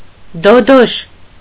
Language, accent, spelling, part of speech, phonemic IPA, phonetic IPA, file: Armenian, Eastern Armenian, դոդոշ, noun, /doˈdoʃ/, [dodóʃ], Hy-դոդոշ.ogg
- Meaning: 1. toad 2. a kind of lizard (?)